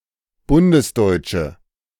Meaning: inflection of bundesdeutsch: 1. strong/mixed nominative/accusative feminine singular 2. strong nominative/accusative plural 3. weak nominative all-gender singular
- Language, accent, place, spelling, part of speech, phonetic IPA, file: German, Germany, Berlin, bundesdeutsche, adjective, [ˈbʊndəsˌdɔɪ̯t͡ʃə], De-bundesdeutsche.ogg